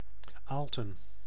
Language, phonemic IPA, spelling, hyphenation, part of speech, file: Dutch, /ˈaːl.tə(n)/, Aalten, Aal‧ten, proper noun, Nl-Aalten.ogg
- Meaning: Aalten (a village and municipality of Gelderland, Netherlands)